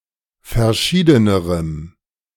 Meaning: strong dative masculine/neuter singular comparative degree of verschieden
- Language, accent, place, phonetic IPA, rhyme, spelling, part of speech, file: German, Germany, Berlin, [fɛɐ̯ˈʃiːdənəʁəm], -iːdənəʁəm, verschiedenerem, adjective, De-verschiedenerem.ogg